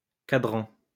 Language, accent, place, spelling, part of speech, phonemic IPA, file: French, France, Lyon, quadrant, noun, /ka.dʁɑ̃/, LL-Q150 (fra)-quadrant.wav
- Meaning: quadrant